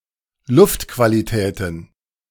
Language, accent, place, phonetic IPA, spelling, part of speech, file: German, Germany, Berlin, [ˈlʊftkvaliˌtɛːtn̩], Luftqualitäten, noun, De-Luftqualitäten.ogg
- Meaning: plural of Luftqualität